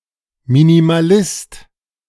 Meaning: minimalist
- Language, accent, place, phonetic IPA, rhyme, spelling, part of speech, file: German, Germany, Berlin, [ˌminimaˈlɪst], -ɪst, Minimalist, noun, De-Minimalist.ogg